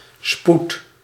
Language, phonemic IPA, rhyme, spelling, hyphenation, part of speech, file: Dutch, /sput/, -ut, spoed, spoed, noun, Nl-spoed.ogg
- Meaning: 1. speed 2. hurry, haste 3. emergency department of a hospital 4. thread pitch 5. success